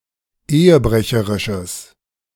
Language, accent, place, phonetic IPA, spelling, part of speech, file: German, Germany, Berlin, [ˈeːəˌbʁɛçəʁɪʃəs], ehebrecherisches, adjective, De-ehebrecherisches.ogg
- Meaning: strong/mixed nominative/accusative neuter singular of ehebrecherisch